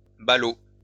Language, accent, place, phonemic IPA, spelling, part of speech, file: French, France, Lyon, /ba.lo/, ballots, noun, LL-Q150 (fra)-ballots.wav
- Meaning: plural of ballot